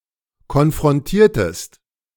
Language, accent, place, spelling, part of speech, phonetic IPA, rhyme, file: German, Germany, Berlin, konfrontiertest, verb, [kɔnfʁɔnˈtiːɐ̯təst], -iːɐ̯təst, De-konfrontiertest.ogg
- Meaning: inflection of konfrontieren: 1. second-person singular preterite 2. second-person singular subjunctive II